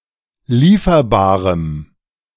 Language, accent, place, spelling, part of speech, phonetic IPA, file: German, Germany, Berlin, lieferbarem, adjective, [ˈliːfɐbaːʁəm], De-lieferbarem.ogg
- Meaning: strong dative masculine/neuter singular of lieferbar